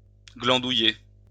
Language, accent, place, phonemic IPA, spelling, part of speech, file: French, France, Lyon, /ɡlɑ̃.du.je/, glandouiller, verb, LL-Q150 (fra)-glandouiller.wav
- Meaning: to do nothing; to bum around all day